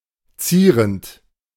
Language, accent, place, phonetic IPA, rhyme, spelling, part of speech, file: German, Germany, Berlin, [ˈt͡siːʁənt], -iːʁənt, zierend, verb, De-zierend.ogg
- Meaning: present participle of zieren